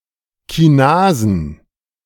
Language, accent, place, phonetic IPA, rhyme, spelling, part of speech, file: German, Germany, Berlin, [kiˈnaːzn̩], -aːzn̩, Kinasen, noun, De-Kinasen.ogg
- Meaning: plural of Kinase